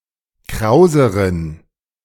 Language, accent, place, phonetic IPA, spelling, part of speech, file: German, Germany, Berlin, [ˈkʁaʊ̯zəʁən], krauseren, adjective, De-krauseren.ogg
- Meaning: inflection of kraus: 1. strong genitive masculine/neuter singular comparative degree 2. weak/mixed genitive/dative all-gender singular comparative degree